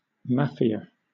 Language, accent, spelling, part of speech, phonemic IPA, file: English, Southern England, mafia, noun, /ˈmæfi.ə/, LL-Q1860 (eng)-mafia.wav
- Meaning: 1. A hierarchically structured secret organisation engaged in illegal activities like distribution of narcotics, gambling and extortion 2. A crime syndicate